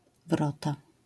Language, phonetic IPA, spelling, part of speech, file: Polish, [ˈvrɔta], wrota, noun, LL-Q809 (pol)-wrota.wav